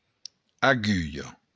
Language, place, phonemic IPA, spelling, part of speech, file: Occitan, Béarn, /aˈɡyʎo/, agulha, noun, LL-Q14185 (oci)-agulha.wav
- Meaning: needle